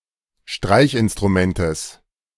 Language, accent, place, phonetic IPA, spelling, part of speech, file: German, Germany, Berlin, [ˈʃtʁaɪ̯çʔɪnstʁuˌmɛntəs], Streichinstrumentes, noun, De-Streichinstrumentes.ogg
- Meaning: genitive of Streichinstrument